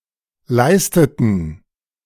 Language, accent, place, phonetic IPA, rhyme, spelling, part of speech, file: German, Germany, Berlin, [ˈlaɪ̯stətn̩], -aɪ̯stətn̩, leisteten, verb, De-leisteten.ogg
- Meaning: inflection of leisten: 1. first/third-person plural preterite 2. first/third-person plural subjunctive II